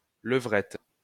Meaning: 1. female greyhound 2. doggy style position
- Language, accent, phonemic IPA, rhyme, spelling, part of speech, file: French, France, /lə.vʁɛt/, -ɛt, levrette, noun, LL-Q150 (fra)-levrette.wav